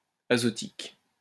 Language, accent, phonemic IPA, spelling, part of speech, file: French, France, /a.zɔ.tik/, azotique, adjective, LL-Q150 (fra)-azotique.wav
- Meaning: 1. azotic 2. nitric